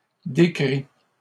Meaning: inflection of décrire: 1. first/second-person singular present indicative 2. second-person singular imperative
- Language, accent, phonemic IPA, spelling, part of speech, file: French, Canada, /de.kʁi/, décris, verb, LL-Q150 (fra)-décris.wav